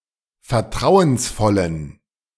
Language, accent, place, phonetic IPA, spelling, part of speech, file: German, Germany, Berlin, [fɛɐ̯ˈtʁaʊ̯ənsˌfɔlən], vertrauensvollen, adjective, De-vertrauensvollen.ogg
- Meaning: inflection of vertrauensvoll: 1. strong genitive masculine/neuter singular 2. weak/mixed genitive/dative all-gender singular 3. strong/weak/mixed accusative masculine singular 4. strong dative plural